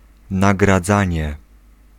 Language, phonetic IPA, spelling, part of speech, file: Polish, [ˌnaɡraˈd͡zãɲɛ], nagradzanie, noun, Pl-nagradzanie.ogg